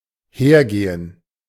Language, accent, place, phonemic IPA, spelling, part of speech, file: German, Germany, Berlin, /ˈheːrˌɡeːən/, hergehen, verb, De-hergehen.ogg
- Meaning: 1. to go along (behind, next to, in front of someone) 2. to go along (a path), to take (a route) 3. to come 4. to take action, to turn active 5. to turn out, to go, happen, be (some way)